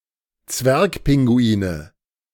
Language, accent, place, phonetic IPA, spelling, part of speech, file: German, Germany, Berlin, [ˈt͡svɛʁkˌpɪŋɡuiːnə], Zwergpinguine, noun, De-Zwergpinguine.ogg
- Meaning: nominative/accusative/genitive plural of Zwergpinguin